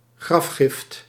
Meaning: grave good (item buried as part of a burial)
- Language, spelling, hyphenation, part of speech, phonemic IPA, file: Dutch, grafgift, graf‧gift, noun, /ˈɣrɑf.xɪft/, Nl-grafgift.ogg